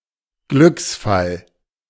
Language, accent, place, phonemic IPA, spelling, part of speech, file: German, Germany, Berlin, /ˈɡlʏksˌfal/, Glücksfall, noun, De-Glücksfall.ogg
- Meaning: godsend, fluke (a stroke of luck, a lucky or improbable occurrence)